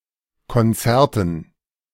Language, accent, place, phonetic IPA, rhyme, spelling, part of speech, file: German, Germany, Berlin, [kɔnˈt͡sɛʁtn̩], -ɛʁtn̩, Konzerten, noun, De-Konzerten.ogg
- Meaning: dative plural of Konzert